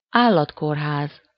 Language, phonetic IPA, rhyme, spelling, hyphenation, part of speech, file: Hungarian, [ˈaːlːɒtkoːrɦaːz], -aːz, állatkórház, ál‧lat‧kór‧ház, noun, Hu-állatkórház.ogg
- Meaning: veterinary hospital (a hospital facility designed to treat animals)